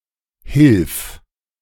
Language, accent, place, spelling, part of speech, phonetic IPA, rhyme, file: German, Germany, Berlin, hilf, verb, [hɪlf], -ɪlf, De-hilf.ogg
- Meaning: singular imperative of helfen